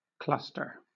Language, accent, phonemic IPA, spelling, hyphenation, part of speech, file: English, Southern England, /ˈklʌstə/, cluster, clus‧ter, noun / verb, LL-Q1860 (eng)-cluster.wav
- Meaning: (noun) A bunch or group of several discrete items that are close to each other